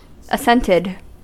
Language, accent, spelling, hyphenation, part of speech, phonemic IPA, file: English, US, assented, as‧sent‧ed, verb / adjective, /əˈsɛntɪd/, En-us-assented.ogg
- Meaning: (verb) simple past and past participle of assent; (adjective) Of stocks or bonds: whose holders agree to deposit them by way of assent to an agreement altering their status, as in a readjustment